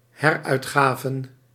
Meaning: plural of heruitgave
- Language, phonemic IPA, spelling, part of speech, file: Dutch, /ˈhɛrœytxavə(n)/, heruitgaven, noun / verb, Nl-heruitgaven.ogg